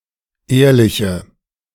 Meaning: inflection of ehrlich: 1. strong/mixed nominative/accusative feminine singular 2. strong nominative/accusative plural 3. weak nominative all-gender singular 4. weak accusative feminine/neuter singular
- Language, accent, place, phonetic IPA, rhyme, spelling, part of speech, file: German, Germany, Berlin, [ˈeːɐ̯lɪçə], -eːɐ̯lɪçə, ehrliche, adjective, De-ehrliche.ogg